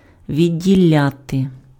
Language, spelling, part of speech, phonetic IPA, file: Ukrainian, відділяти, verb, [ʋʲidʲːiˈlʲate], Uk-відділяти.ogg
- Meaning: 1. to separate, to detach, to disjoin 2. to divide